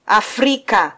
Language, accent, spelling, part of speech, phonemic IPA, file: Swahili, Kenya, Afrika, proper noun, /ɑfˈɾi.kɑ/, Sw-ke-Afrika.flac
- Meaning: Africa (the continent south of Europe and between the Atlantic and Indian Oceans)